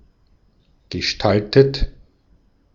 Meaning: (verb) past participle of gestalten; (adjective) 1. featured 2. shaped, designed, arranged; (verb) inflection of gestalten: 1. third-person singular present 2. second-person plural present
- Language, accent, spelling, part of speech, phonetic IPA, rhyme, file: German, Austria, gestaltet, verb, [ɡəˈʃtaltət], -altət, De-at-gestaltet.ogg